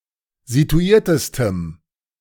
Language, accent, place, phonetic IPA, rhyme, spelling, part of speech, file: German, Germany, Berlin, [zituˈiːɐ̯təstəm], -iːɐ̯təstəm, situiertestem, adjective, De-situiertestem.ogg
- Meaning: strong dative masculine/neuter singular superlative degree of situiert